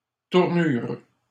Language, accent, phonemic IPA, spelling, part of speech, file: French, Canada, /tuʁ.nyʁ/, tournure, noun, LL-Q150 (fra)-tournure.wav
- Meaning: 1. appearance, shape, figure; bearing 2. turn, change in circumstance or temperament 3. phrasing, turn of phrase 4. tournure, bustle (frame worn underneath a woman's skirt) 5. peel (of a fruit)